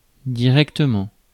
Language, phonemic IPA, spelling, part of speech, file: French, /di.ʁɛk.tə.mɑ̃/, directement, adverb, Fr-directement.ogg
- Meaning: directly